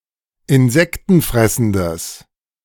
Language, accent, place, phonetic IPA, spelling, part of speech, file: German, Germany, Berlin, [ɪnˈzɛktn̩ˌfʁɛsn̩dəs], insektenfressendes, adjective, De-insektenfressendes.ogg
- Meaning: strong/mixed nominative/accusative neuter singular of insektenfressend